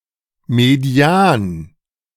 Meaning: median (measure of central tendency)
- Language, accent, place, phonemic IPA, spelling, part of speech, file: German, Germany, Berlin, /meˈdi̯aːn/, Median, noun, De-Median.ogg